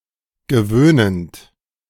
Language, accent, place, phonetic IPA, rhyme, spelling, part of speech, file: German, Germany, Berlin, [ɡəˈvøːnənt], -øːnənt, gewöhnend, verb, De-gewöhnend.ogg
- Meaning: present participle of gewöhnen